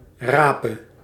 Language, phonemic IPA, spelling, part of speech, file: Dutch, /ˈraː.pə/, rape, verb, Nl-rape.ogg
- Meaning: singular present subjunctive of rapen